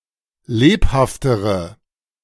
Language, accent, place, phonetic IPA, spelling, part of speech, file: German, Germany, Berlin, [ˈleːphaftəʁə], lebhaftere, adjective, De-lebhaftere.ogg
- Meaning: inflection of lebhaft: 1. strong/mixed nominative/accusative feminine singular comparative degree 2. strong nominative/accusative plural comparative degree